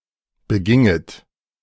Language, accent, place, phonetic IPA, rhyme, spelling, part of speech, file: German, Germany, Berlin, [bəˈɡɪŋət], -ɪŋət, beginget, verb, De-beginget.ogg
- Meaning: second-person plural subjunctive II of begehen